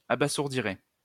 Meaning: third-person singular conditional of abasourdir
- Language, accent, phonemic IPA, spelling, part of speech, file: French, France, /a.ba.zuʁ.di.ʁɛ/, abasourdirait, verb, LL-Q150 (fra)-abasourdirait.wav